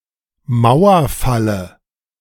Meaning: dative singular of Mauerfall
- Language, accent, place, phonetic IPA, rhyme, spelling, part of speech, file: German, Germany, Berlin, [ˈmaʊ̯ɐˌfalə], -aʊ̯ɐfalə, Mauerfalle, noun, De-Mauerfalle.ogg